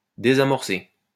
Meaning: 1. to defuse (e.g. a weapon) 2. to forestall, to hinder, to prevent something from happening
- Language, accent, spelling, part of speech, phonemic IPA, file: French, France, désamorcer, verb, /de.za.mɔʁ.se/, LL-Q150 (fra)-désamorcer.wav